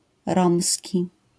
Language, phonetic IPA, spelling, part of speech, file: Polish, [ˈrɔ̃msʲci], romski, adjective / noun, LL-Q809 (pol)-romski.wav